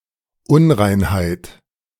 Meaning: 1. impurity 2. impurity: ritual impurity; a state of being unfit for contact with the holy, caused e.g. by sin or by bodily conditions 3. something impure, an impure spot, e.g. a pimple or stain
- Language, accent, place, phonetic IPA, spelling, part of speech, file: German, Germany, Berlin, [ˈʊnʁaɪ̯nhaɪ̯t], Unreinheit, noun, De-Unreinheit.ogg